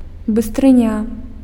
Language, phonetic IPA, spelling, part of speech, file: Belarusian, [bɨstrɨˈnʲa], быстрыня, noun, Be-быстрыня.ogg
- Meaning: speed, quickness, rapidity